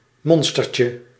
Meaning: diminutive of monster
- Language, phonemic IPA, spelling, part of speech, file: Dutch, /ˈmɔnstərcə/, monstertje, noun, Nl-monstertje.ogg